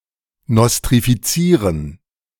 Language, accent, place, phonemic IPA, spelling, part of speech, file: German, Germany, Berlin, /nɔstʁifiˈt͡siːʁən/, nostrifizieren, verb, De-nostrifizieren.ogg
- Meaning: 1. to nostrify (to grant recognition to a degree from a foreign university) 2. to nostrify (to adopt as part of one's own culture or language)